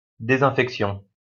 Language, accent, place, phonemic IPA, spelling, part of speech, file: French, France, Lyon, /de.zɛ̃.fɛk.sjɔ̃/, désinfection, noun, LL-Q150 (fra)-désinfection.wav
- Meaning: disinfection